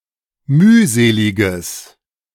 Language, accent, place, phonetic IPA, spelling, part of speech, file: German, Germany, Berlin, [ˈmyːˌzeːlɪɡəs], mühseliges, adjective, De-mühseliges.ogg
- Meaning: strong/mixed nominative/accusative neuter singular of mühselig